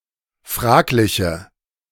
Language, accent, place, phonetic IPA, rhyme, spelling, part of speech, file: German, Germany, Berlin, [ˈfʁaːklɪçə], -aːklɪçə, fragliche, adjective, De-fragliche.ogg
- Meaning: inflection of fraglich: 1. strong/mixed nominative/accusative feminine singular 2. strong nominative/accusative plural 3. weak nominative all-gender singular